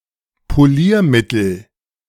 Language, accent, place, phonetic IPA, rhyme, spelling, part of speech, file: German, Germany, Berlin, [poˈliːɐ̯ˌmɪtl̩], -iːɐ̯mɪtl̩, Poliermittel, noun, De-Poliermittel.ogg
- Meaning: polish